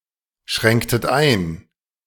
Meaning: inflection of einschränken: 1. second-person plural preterite 2. second-person plural subjunctive II
- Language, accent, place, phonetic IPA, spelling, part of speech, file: German, Germany, Berlin, [ˌʃʁɛŋktət ˈaɪ̯n], schränktet ein, verb, De-schränktet ein.ogg